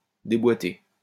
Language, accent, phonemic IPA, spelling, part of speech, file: French, France, /de.bwa.te/, déboiter, verb, LL-Q150 (fra)-déboiter.wav
- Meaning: post-1990 spelling of déboîter